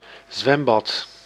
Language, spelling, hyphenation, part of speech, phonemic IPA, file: Dutch, zwembad, zwem‧bad, noun, /ˈzʋɛm.bɑt/, Nl-zwembad.ogg
- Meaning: swimming pool